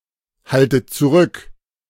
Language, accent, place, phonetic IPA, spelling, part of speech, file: German, Germany, Berlin, [ˌhaltət t͡suˈʁʏk], haltet zurück, verb, De-haltet zurück.ogg
- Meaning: inflection of zurückhalten: 1. second-person plural present 2. second-person plural subjunctive I 3. plural imperative